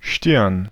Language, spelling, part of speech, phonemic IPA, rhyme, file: German, Stirn, noun, /ʃtɪʁn/, -ɪʁn, De-Stirn.ogg
- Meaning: 1. forehead, brow (often used as an indicator of emotion) 2. frons